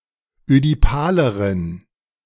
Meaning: inflection of ödipal: 1. strong genitive masculine/neuter singular comparative degree 2. weak/mixed genitive/dative all-gender singular comparative degree
- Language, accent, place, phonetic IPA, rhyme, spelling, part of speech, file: German, Germany, Berlin, [ødiˈpaːləʁən], -aːləʁən, ödipaleren, adjective, De-ödipaleren.ogg